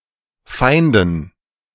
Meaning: dative plural of Feind
- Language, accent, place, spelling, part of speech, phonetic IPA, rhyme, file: German, Germany, Berlin, Feinden, noun, [ˈfaɪ̯ndn̩], -aɪ̯ndn̩, De-Feinden.ogg